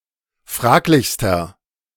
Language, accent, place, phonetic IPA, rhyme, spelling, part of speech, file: German, Germany, Berlin, [ˈfʁaːklɪçstɐ], -aːklɪçstɐ, fraglichster, adjective, De-fraglichster.ogg
- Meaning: inflection of fraglich: 1. strong/mixed nominative masculine singular superlative degree 2. strong genitive/dative feminine singular superlative degree 3. strong genitive plural superlative degree